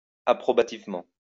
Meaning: approvingly
- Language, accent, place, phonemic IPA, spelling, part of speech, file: French, France, Lyon, /a.pʁɔ.ba.tiv.mɑ̃/, approbativement, adverb, LL-Q150 (fra)-approbativement.wav